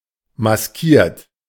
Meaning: 1. past participle of maskieren 2. inflection of maskieren: third-person singular present 3. inflection of maskieren: second-person plural present 4. inflection of maskieren: plural imperative
- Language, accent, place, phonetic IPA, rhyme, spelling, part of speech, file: German, Germany, Berlin, [masˈkiːɐ̯t], -iːɐ̯t, maskiert, adjective / verb, De-maskiert.ogg